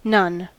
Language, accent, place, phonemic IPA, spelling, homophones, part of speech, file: English, US, California, /nʌn/, none, nun / non-, pronoun / determiner / adverb / noun, En-us-none.ogg
- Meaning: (pronoun) 1. Not any of a given number or group 2. Not any of a given number or group.: No one, nobody 3. Not any of a given number or group.: No person